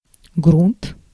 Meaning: 1. soil, ground, bottom 2. priming, primer coat
- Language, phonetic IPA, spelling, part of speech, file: Russian, [ɡrunt], грунт, noun, Ru-грунт.ogg